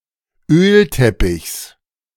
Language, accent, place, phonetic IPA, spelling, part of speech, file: German, Germany, Berlin, [ˈøːlˌtɛpɪçs], Ölteppichs, noun, De-Ölteppichs.ogg
- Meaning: genitive singular of Ölteppich